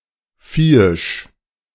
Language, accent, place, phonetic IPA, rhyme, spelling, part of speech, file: German, Germany, Berlin, [ˈfiːɪʃ], -iːɪʃ, viehisch, adjective, De-viehisch.ogg
- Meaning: 1. beastly, inhuman 2. brutal 3. very strong, powerful